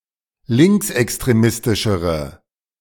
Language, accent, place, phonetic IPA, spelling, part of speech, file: German, Germany, Berlin, [ˈlɪŋksʔɛkstʁeˌmɪstɪʃəʁə], linksextremistischere, adjective, De-linksextremistischere.ogg
- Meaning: inflection of linksextremistisch: 1. strong/mixed nominative/accusative feminine singular comparative degree 2. strong nominative/accusative plural comparative degree